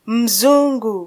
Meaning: 1. European, white person 2. rich person (who is not white)
- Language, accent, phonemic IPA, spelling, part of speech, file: Swahili, Kenya, /m̩ˈzu.ᵑɡu/, mzungu, noun, Sw-ke-mzungu.flac